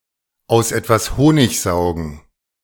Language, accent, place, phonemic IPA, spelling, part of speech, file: German, Germany, Berlin, /aʊ̯s ˌɛtvas ˈhoːnɪç ˌzaʊ̯ɡn̩/, aus etwas Honig saugen, verb, De-aus etwas Honig saugen.ogg
- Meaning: to capitalize on something